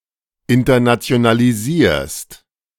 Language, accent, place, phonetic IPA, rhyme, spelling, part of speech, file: German, Germany, Berlin, [ɪntɐnat͡si̯onaliˈziːɐ̯st], -iːɐ̯st, internationalisierst, verb, De-internationalisierst.ogg
- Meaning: second-person singular present of internationalisieren